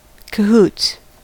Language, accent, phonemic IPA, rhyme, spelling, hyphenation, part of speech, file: English, General American, /kəˈhuts/, -uːts, cahoots, ca‧hoots, noun / verb, En-us-cahoots.ogg
- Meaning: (noun) Chiefly preceded by in: collaboration or collusion, chiefly for a nefarious reason